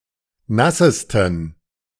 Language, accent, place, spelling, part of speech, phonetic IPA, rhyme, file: German, Germany, Berlin, nassesten, adjective, [ˈnasəstn̩], -asəstn̩, De-nassesten.ogg
- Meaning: 1. superlative degree of nass 2. inflection of nass: strong genitive masculine/neuter singular superlative degree